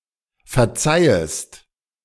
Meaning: second-person singular subjunctive I of verzeihen
- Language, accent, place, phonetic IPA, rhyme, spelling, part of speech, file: German, Germany, Berlin, [fɛɐ̯ˈt͡saɪ̯əst], -aɪ̯əst, verzeihest, verb, De-verzeihest.ogg